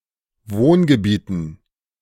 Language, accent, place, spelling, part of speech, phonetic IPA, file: German, Germany, Berlin, Wohngebieten, noun, [ˈvoːnɡəˌbiːtn̩], De-Wohngebieten.ogg
- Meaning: dative plural of Wohngebiet